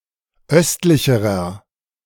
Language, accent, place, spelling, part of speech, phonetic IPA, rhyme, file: German, Germany, Berlin, östlicherer, adjective, [ˈœstlɪçəʁɐ], -œstlɪçəʁɐ, De-östlicherer.ogg
- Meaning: inflection of östlich: 1. strong/mixed nominative masculine singular comparative degree 2. strong genitive/dative feminine singular comparative degree 3. strong genitive plural comparative degree